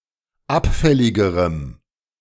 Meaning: strong dative masculine/neuter singular comparative degree of abfällig
- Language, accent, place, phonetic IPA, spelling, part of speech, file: German, Germany, Berlin, [ˈapˌfɛlɪɡəʁəm], abfälligerem, adjective, De-abfälligerem.ogg